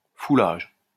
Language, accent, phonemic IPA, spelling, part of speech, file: French, France, /fu.laʒ/, foulage, noun, LL-Q150 (fra)-foulage.wav
- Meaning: pressing, crushing